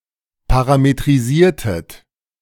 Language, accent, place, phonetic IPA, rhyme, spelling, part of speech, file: German, Germany, Berlin, [ˌpaʁametʁiˈziːɐ̯tət], -iːɐ̯tət, parametrisiertet, verb, De-parametrisiertet.ogg
- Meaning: inflection of parametrisieren: 1. second-person plural preterite 2. second-person plural subjunctive II